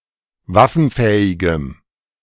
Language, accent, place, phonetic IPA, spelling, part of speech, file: German, Germany, Berlin, [ˈvafn̩ˌfɛːɪɡəm], waffenfähigem, adjective, De-waffenfähigem.ogg
- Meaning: strong dative masculine/neuter singular of waffenfähig